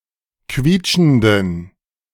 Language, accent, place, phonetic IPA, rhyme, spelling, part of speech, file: German, Germany, Berlin, [ˈkviːt͡ʃn̩dən], -iːt͡ʃn̩dən, quietschenden, adjective, De-quietschenden.ogg
- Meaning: inflection of quietschend: 1. strong genitive masculine/neuter singular 2. weak/mixed genitive/dative all-gender singular 3. strong/weak/mixed accusative masculine singular 4. strong dative plural